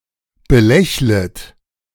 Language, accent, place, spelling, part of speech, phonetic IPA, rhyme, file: German, Germany, Berlin, belächlet, verb, [bəˈlɛçlət], -ɛçlət, De-belächlet.ogg
- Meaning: second-person plural subjunctive I of belächeln